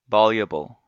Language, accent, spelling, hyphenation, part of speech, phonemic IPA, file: English, General American, voluble, vol‧u‧ble, adjective, /ˈvɑl.jə.bəl/, En-us-voluble.ogg
- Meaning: 1. Fluent or having a ready flow of speech 2. Of thoughts, feelings, or something that is expressed: expressed readily or at length and in a fluent manner